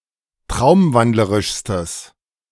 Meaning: strong/mixed nominative/accusative neuter singular superlative degree of traumwandlerisch
- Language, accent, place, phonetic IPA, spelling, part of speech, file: German, Germany, Berlin, [ˈtʁaʊ̯mˌvandləʁɪʃstəs], traumwandlerischstes, adjective, De-traumwandlerischstes.ogg